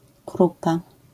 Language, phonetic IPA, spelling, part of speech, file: Polish, [ˈkrupa], krupa, noun, LL-Q809 (pol)-krupa.wav